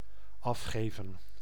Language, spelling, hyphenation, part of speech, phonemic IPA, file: Dutch, afgeven, af‧ge‧ven, verb, /ˈɑfˌxeːvə(n)/, Nl-afgeven.ogg
- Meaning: 1. to hand off, hand over, deliver 2. to give off when touched 3. to rant, to voice criticism 4. to give up, to forfeit 5. to secrete, to emit